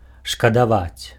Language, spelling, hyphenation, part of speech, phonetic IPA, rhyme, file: Belarusian, шкадаваць, шка‧да‧ваць, verb, [ʂkadaˈvat͡sʲ], -at͡sʲ, Be-шкадаваць.ogg
- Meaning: 1. to feel sorry for (to feel pity or sympathy for someone) 2. to skimp, spare 3. to be stingy 4. to regret (to feel sad about something) 5. to not dare to do something